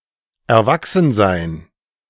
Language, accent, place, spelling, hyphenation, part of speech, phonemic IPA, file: German, Germany, Berlin, Erwachsensein, Er‧wach‧sen‧sein, noun, /ɛɐ̯ˈvaksn̩ˌzaɪ̯n/, De-Erwachsensein.ogg
- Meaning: adulthood